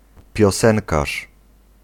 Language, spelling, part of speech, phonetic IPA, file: Polish, piosenkarz, noun, [pʲjɔˈsɛ̃ŋkaʃ], Pl-piosenkarz.ogg